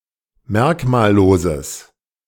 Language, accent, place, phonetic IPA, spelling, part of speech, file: German, Germany, Berlin, [ˈmɛʁkmaːlˌloːzəs], merkmalloses, adjective, De-merkmalloses.ogg
- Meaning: strong/mixed nominative/accusative neuter singular of merkmallos